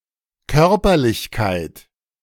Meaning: corporeality, physicality
- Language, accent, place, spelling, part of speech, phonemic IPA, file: German, Germany, Berlin, Körperlichkeit, noun, /ˈkœʁpɐlɪçˌkaɪ̯t/, De-Körperlichkeit.ogg